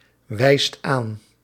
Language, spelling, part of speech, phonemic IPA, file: Dutch, wijst aan, verb, /ˈwɛist ˈan/, Nl-wijst aan.ogg
- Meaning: inflection of aanwijzen: 1. second/third-person singular present indicative 2. plural imperative